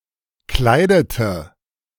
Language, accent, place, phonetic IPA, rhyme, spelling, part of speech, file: German, Germany, Berlin, [ˈklaɪ̯dətə], -aɪ̯dətə, kleidete, verb, De-kleidete.ogg
- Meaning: inflection of kleiden: 1. first/third-person singular preterite 2. first/third-person singular subjunctive II